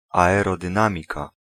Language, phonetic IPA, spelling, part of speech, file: Polish, [ˌaɛrɔdɨ̃ˈnãmʲika], aerodynamika, noun, Pl-aerodynamika.ogg